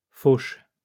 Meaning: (verb) inflection of faucher: 1. first/third-person singular present indicative/subjunctive 2. second-person singular imperative; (noun) pickpocketing or shoplifting
- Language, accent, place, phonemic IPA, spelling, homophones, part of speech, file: French, France, Lyon, /foʃ/, fauche, Fauch / fauchent / fauches, verb / noun, LL-Q150 (fra)-fauche.wav